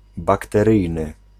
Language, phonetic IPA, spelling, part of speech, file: Polish, [ˌbaktɛˈrɨjnɨ], bakteryjny, adjective, Pl-bakteryjny.ogg